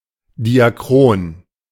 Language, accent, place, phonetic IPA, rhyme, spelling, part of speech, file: German, Germany, Berlin, [diaˈkʁoːn], -oːn, diachron, adjective, De-diachron.ogg
- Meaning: synonym of diachronisch